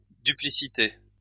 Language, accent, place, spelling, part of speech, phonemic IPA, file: French, France, Lyon, duplicité, noun, /dy.pli.si.te/, LL-Q150 (fra)-duplicité.wav
- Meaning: 1. duplicity (intentional deceptiveness) 2. duality; twoness